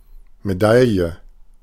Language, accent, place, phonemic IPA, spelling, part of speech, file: German, Germany, Berlin, /meˈdaljə/, Medaille, noun, De-Medaille.ogg
- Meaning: medal